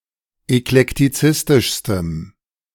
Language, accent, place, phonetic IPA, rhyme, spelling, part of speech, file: German, Germany, Berlin, [ɛklɛktiˈt͡sɪstɪʃstəm], -ɪstɪʃstəm, eklektizistischstem, adjective, De-eklektizistischstem.ogg
- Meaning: strong dative masculine/neuter singular superlative degree of eklektizistisch